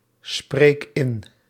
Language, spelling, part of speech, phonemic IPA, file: Dutch, spreek in, verb, /ˈsprek ˈɪn/, Nl-spreek in.ogg
- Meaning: inflection of inspreken: 1. first-person singular present indicative 2. second-person singular present indicative 3. imperative